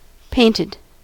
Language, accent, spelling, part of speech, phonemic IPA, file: English, US, painted, verb / adjective, /ˈpeɪ.nɪd/, En-us-painted.ogg
- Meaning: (verb) simple past and past participle of paint; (adjective) 1. Coated with paint 2. Depicted in paint 3. Colorful, as if painted 4. Wearing makeup